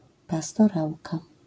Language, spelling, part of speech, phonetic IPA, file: Polish, pastorałka, noun, [ˌpastɔˈrawka], LL-Q809 (pol)-pastorałka.wav